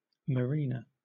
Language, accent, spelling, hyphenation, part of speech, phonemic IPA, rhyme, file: English, Southern England, marina, ma‧ri‧na, noun, /məˈɹinə/, -iːnə, LL-Q1860 (eng)-marina.wav
- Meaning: A harbour for small boats